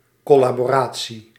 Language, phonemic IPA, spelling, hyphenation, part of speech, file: Dutch, /ˌkɔ.laː.boːˈraː.(t)si/, collaboratie, col‧la‧bo‧ra‧tie, noun, Nl-collaboratie.ogg
- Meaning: 1. collaboration with the Nazis, fascists or another enemy; treason, traitorous collaboration 2. collaboration, co-operation